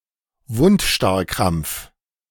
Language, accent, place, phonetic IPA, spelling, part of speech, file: German, Germany, Berlin, [vʊntˈʃtaʁkʁamp͡f], Wundstarrkrampf, noun, De-Wundstarrkrampf.ogg
- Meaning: tetanus